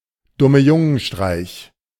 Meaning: alternative spelling of Dumme-Jungen-Streich
- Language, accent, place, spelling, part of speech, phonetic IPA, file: German, Germany, Berlin, Dummejungenstreich, noun, [ˌdʊməˈjʊŋənˌʃtʁaɪ̯ç], De-Dummejungenstreich.ogg